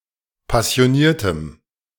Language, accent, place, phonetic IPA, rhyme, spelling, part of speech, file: German, Germany, Berlin, [pasi̯oˈniːɐ̯təm], -iːɐ̯təm, passioniertem, adjective, De-passioniertem.ogg
- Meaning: strong dative masculine/neuter singular of passioniert